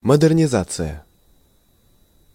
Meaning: modernization
- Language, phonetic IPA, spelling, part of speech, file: Russian, [mədɨrnʲɪˈzat͡sɨjə], модернизация, noun, Ru-модернизация.ogg